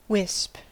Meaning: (noun) 1. A small bundle, as of straw or other like substance; a twisted handful of something; any slender, flexible structure or group 2. A small, thin line of cloud, smoke, or steam
- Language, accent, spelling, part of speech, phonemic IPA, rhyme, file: English, US, wisp, noun / verb, /wɪsp/, -ɪsp, En-us-wisp.ogg